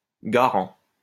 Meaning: 1. guarantor 2. surety
- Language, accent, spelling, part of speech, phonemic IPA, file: French, France, garant, noun, /ɡa.ʁɑ̃/, LL-Q150 (fra)-garant.wav